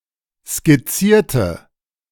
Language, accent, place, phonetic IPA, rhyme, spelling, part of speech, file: German, Germany, Berlin, [skɪˈt͡siːɐ̯tə], -iːɐ̯tə, skizzierte, adjective / verb, De-skizzierte.ogg
- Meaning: inflection of skizzieren: 1. first/third-person singular preterite 2. first/third-person singular subjunctive II